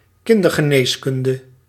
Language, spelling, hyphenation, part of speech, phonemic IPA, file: Dutch, kindergeneeskunde, kin‧der‧ge‧nees‧kun‧de, noun, /ˈkɪn.dər.ɣəˌneːs.kʏn.də/, Nl-kindergeneeskunde.ogg
- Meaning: pediatrics